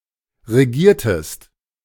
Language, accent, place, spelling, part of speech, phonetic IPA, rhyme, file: German, Germany, Berlin, regiertest, verb, [ʁeˈɡiːɐ̯təst], -iːɐ̯təst, De-regiertest.ogg
- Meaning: inflection of regieren: 1. second-person singular preterite 2. second-person singular subjunctive II